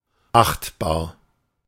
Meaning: reputable, respectable
- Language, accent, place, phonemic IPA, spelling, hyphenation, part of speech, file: German, Germany, Berlin, /ˈaχtbaːɐ̯/, achtbar, acht‧bar, adjective, De-achtbar.ogg